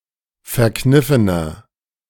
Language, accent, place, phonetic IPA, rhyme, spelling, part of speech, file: German, Germany, Berlin, [fɛɐ̯ˈknɪfənɐ], -ɪfənɐ, verkniffener, adjective, De-verkniffener.ogg
- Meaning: 1. comparative degree of verkniffen 2. inflection of verkniffen: strong/mixed nominative masculine singular 3. inflection of verkniffen: strong genitive/dative feminine singular